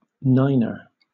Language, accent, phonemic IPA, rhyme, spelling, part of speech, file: English, Southern England, /ˈnaɪnə(ɹ)/, -aɪnə(ɹ), niner, noun, LL-Q1860 (eng)-niner.wav
- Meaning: 1. Something nine inches long, or holding nine gallons, etc 2. The digit 9 in the NATO phonetic alphabet